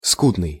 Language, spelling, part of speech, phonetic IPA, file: Russian, скудный, adjective, [ˈskudnɨj], Ru-скудный.ogg
- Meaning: 1. scant, scanty, meagre 2. poor, pathetic, wretched 3. poor, infertile